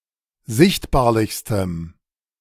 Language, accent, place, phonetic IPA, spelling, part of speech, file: German, Germany, Berlin, [ˈzɪçtbaːɐ̯lɪçstəm], sichtbarlichstem, adjective, De-sichtbarlichstem.ogg
- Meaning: strong dative masculine/neuter singular superlative degree of sichtbarlich